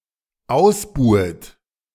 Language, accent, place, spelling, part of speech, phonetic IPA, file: German, Germany, Berlin, ausbuhet, verb, [ˈaʊ̯sˌbuːət], De-ausbuhet.ogg
- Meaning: second-person plural dependent subjunctive I of ausbuhen